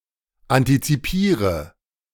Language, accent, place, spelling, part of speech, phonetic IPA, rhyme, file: German, Germany, Berlin, antizipiere, verb, [ˌantit͡siˈpiːʁə], -iːʁə, De-antizipiere.ogg
- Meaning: inflection of antizipieren: 1. first-person singular present 2. first/third-person singular subjunctive I 3. singular imperative